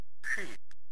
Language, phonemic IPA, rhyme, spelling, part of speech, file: German, /ʃiː/, -iː, Schi, noun, De Schi.ogg
- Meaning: alternative spelling of Ski